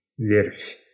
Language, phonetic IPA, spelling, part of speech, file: Russian, [vʲerfʲ], верфь, noun, Ru-верфь.ogg
- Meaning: shipyard